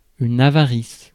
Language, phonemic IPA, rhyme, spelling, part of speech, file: French, /a.va.ʁis/, -is, avarice, noun, Fr-avarice.ogg
- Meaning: greed; avarice